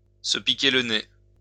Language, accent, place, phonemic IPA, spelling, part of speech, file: French, France, Lyon, /sə pi.ke l(ə) ne/, se piquer le nez, verb, LL-Q150 (fra)-se piquer le nez.wav
- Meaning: to get drunk